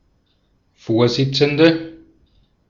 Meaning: female equivalent of Vorsitzender: chairwoman, female chairperson, female chair, board chairwoman; female president
- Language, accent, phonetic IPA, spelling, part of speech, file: German, Austria, [ˈfoːɐ̯ˌzɪt͡sn̩də], Vorsitzende, noun, De-at-Vorsitzende.ogg